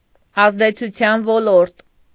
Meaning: sphere of influence
- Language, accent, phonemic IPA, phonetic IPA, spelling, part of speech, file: Armenian, Eastern Armenian, /ɑzdet͡sʰuˈtʰjɑn voˈloɾt/, [ɑzdet͡sʰut͡sʰjɑ́n volóɾt], ազդեցության ոլորտ, noun, Hy-ազդեցության ոլորտ.ogg